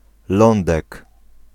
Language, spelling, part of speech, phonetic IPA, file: Polish, Lądek, noun, [ˈlɔ̃ndɛk], Pl-Lądek.ogg